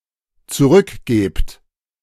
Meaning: second-person plural dependent present of zurückgeben
- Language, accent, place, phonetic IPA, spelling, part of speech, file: German, Germany, Berlin, [t͡suˈʁʏkˌɡeːpt], zurückgebt, verb, De-zurückgebt.ogg